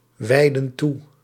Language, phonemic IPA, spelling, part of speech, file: Dutch, /ˈwɛidə(n) ˈtu/, wijden toe, verb, Nl-wijden toe.ogg
- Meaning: inflection of toewijden: 1. plural present indicative 2. plural present subjunctive